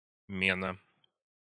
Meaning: exchange, barter, swap
- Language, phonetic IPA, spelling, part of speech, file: Russian, [ˈmʲenə], мена, noun, Ru-мена.ogg